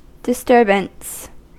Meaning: 1. The act of disturbing, being disturbed 2. Something that disturbs 3. A noisy commotion that causes a hubbub or interruption 4. An interruption of that which is normal or regular
- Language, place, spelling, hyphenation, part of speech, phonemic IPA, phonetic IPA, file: English, California, disturbance, dis‧tur‧bance, noun, /dɪˈstɜɹ.bəns/, [dɪˈstɝbn̩s], En-us-disturbance.ogg